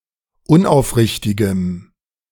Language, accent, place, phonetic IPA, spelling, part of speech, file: German, Germany, Berlin, [ˈʊnʔaʊ̯fˌʁɪçtɪɡəm], unaufrichtigem, adjective, De-unaufrichtigem.ogg
- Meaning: strong dative masculine/neuter singular of unaufrichtig